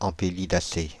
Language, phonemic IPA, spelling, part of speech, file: French, /ɑ̃.pe.li.da.se/, ampélidacée, noun, Fr-ampélidacée.ogg
- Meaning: vine (of the family Vitaceae, syn. Ampelidaceae)